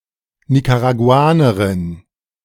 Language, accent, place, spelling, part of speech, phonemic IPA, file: German, Germany, Berlin, Nicaraguanerin, noun, /nikaʁaɡuˈaːnɐʁɪn/, De-Nicaraguanerin.ogg
- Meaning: Nicaraguan (female person from Nicaragua)